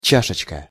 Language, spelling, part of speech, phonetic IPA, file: Russian, чашечка, noun, [ˈt͡ɕaʂɨt͡ɕkə], Ru-чашечка.ogg
- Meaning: 1. diminutive of ча́шка (čáška): small cup 2. calyx 3. cup, cup-like object 4. patella, knee-cap